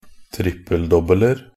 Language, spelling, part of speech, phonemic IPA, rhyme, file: Norwegian Bokmål, trippel-dobbeler, noun, /ˈtrɪpːəl.dɔbːələr/, -ər, Nb-trippel-dobbeler.ogg
- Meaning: indefinite plural of trippel-dobbel